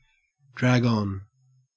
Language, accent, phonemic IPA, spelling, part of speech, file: English, Australia, /ˌdɹæɡ‿ˈɒn/, drag on, verb, En-au-drag on.ogg
- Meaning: To last too long